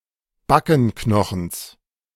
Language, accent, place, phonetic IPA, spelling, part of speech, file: German, Germany, Berlin, [ˈbakn̩ˌknɔxn̩s], Backenknochens, noun, De-Backenknochens.ogg
- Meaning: genitive of Backenknochen